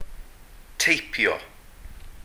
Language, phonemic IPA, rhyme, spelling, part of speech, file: Welsh, /ˈtei̯pjɔ/, -ei̯pjɔ, teipio, verb, Cy-teipio.ogg
- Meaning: to type (use a typewriter; enter characters into a computer using keyboard)